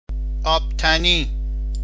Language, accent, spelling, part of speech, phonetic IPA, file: Persian, Iran, آبتنی, noun, [ʔɒːb.t̪ʰæ.níː], Fa-آبتنی.ogg
- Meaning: bathing